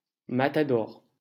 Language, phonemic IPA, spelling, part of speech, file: French, /ma.ta.dɔʁ/, matador, noun, LL-Q150 (fra)-matador.wav
- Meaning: matador